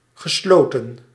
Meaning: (adjective) closed; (verb) past participle of sluiten
- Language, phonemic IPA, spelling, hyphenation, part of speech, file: Dutch, /ɣəˈsloːtə(n)/, gesloten, ge‧slo‧ten, adjective / verb, Nl-gesloten.ogg